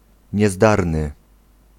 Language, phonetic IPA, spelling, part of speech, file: Polish, [ɲɛˈzdarnɨ], niezdarny, adjective, Pl-niezdarny.ogg